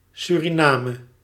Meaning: 1. Suriname (a country in South America) 2. Dutch Guiana (a former Dutch colony and former overseas territory equivalent to modern-day Suriname) 3. a former district within Suriname
- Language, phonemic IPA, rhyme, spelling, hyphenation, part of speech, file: Dutch, /ˌsyriˈnaːmə/, -aːmə, Suriname, Su‧ri‧na‧me, proper noun, Nl-Suriname.ogg